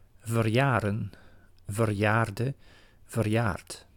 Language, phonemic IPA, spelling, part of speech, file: Dutch, /vərˈjarə(n)/, verjaren, verb, Nl-verjaren.ogg
- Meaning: 1. to have one's birthday 2. become expired due to a statute of limitations